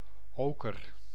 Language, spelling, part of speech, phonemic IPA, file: Dutch, oker, noun / adjective, /ˈokər/, Nl-oker.ogg
- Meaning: 1. ochre (mineral) 2. ochre (colour)